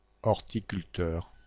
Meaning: horticulturist
- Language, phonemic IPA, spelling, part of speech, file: French, /ɔʁ.ti.kyl.tœʁ/, horticulteur, noun, Fr-horticulteur.ogg